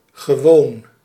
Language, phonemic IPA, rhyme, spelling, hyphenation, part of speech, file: Dutch, /ɣəˈʋoːn/, -oːn, gewoon, ge‧woon, adjective / adverb, Nl-gewoon.ogg
- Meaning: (adjective) 1. regular, ordinary, usual 2. normal, common 3. wont, having a certain habit; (adverb) simply, just